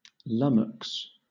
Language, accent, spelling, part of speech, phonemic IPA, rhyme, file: English, Southern England, lummox, noun, /ˈlʌməks/, -ʌməks, LL-Q1860 (eng)-lummox.wav
- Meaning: A clumsy, stupid person; an awkward bungler